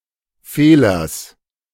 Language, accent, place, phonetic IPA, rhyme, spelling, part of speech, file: German, Germany, Berlin, [ˈfeːlɐs], -eːlɐs, Fehlers, noun, De-Fehlers.ogg
- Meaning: genitive singular of Fehler